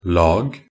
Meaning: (noun) a layer (a single thickness of some material covering a surface)
- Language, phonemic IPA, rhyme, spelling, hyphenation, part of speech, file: Norwegian Bokmål, /lɑːɡ/, -ɑːɡ, lag, lag, noun / verb, Nb-lag.ogg